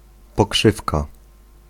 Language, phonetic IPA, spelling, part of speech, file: Polish, [pɔˈkʃɨfka], pokrzywka, noun, Pl-pokrzywka.ogg